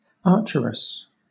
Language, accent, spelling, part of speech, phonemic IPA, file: English, Southern England, archeress, noun, /ˈɑːtʃəɹɪs/, LL-Q1860 (eng)-archeress.wav
- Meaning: A female archer